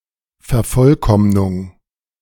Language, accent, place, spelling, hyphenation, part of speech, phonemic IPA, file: German, Germany, Berlin, Vervollkommnung, Ver‧voll‧komm‧nung, noun, /fɛɐ̯ˈfɔlˌkɔmnʊŋ/, De-Vervollkommnung.ogg
- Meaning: perfecting